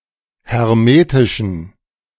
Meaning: inflection of hermetisch: 1. strong genitive masculine/neuter singular 2. weak/mixed genitive/dative all-gender singular 3. strong/weak/mixed accusative masculine singular 4. strong dative plural
- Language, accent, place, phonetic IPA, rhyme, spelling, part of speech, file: German, Germany, Berlin, [hɛʁˈmeːtɪʃn̩], -eːtɪʃn̩, hermetischen, adjective, De-hermetischen.ogg